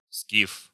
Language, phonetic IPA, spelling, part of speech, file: Russian, [skʲif], скиф, noun, Ru-скиф.ogg
- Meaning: 1. Scyth, Scythian 2. wild, rough man 3. Skif-DM (Soviet orbital weapons platform) 4. skiff (boat)